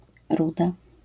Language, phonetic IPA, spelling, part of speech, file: Polish, [ˈruda], ruda, noun / adjective, LL-Q809 (pol)-ruda.wav